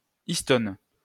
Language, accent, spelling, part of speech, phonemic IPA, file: French, France, histone, noun, /is.tɔn/, LL-Q150 (fra)-histone.wav
- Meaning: histone